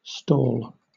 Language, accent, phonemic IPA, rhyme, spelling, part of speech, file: English, Southern England, /stɔːl/, -ɔːl, stall, noun / verb, LL-Q1860 (eng)-stall.wav
- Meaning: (noun) 1. A compartment for a single animal in a stable or cattle shed 2. A stable; a place for cattle 3. A bench or table on which small articles of merchandise are exposed for sale